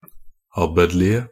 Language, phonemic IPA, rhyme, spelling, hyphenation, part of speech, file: Norwegian Bokmål, /ˈabːədlɪə/, -ɪə, abbedlige, ab‧bed‧lig‧e, adjective, Nb-abbedlige.ogg
- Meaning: 1. definite singular of abbedlig 2. plural of abbedlig